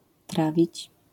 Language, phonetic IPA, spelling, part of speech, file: Polish, [ˈtravʲit͡ɕ], trawić, verb, LL-Q809 (pol)-trawić.wav